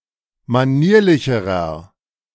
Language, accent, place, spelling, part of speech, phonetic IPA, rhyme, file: German, Germany, Berlin, manierlicherer, adjective, [maˈniːɐ̯lɪçəʁɐ], -iːɐ̯lɪçəʁɐ, De-manierlicherer.ogg
- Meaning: inflection of manierlich: 1. strong/mixed nominative masculine singular comparative degree 2. strong genitive/dative feminine singular comparative degree 3. strong genitive plural comparative degree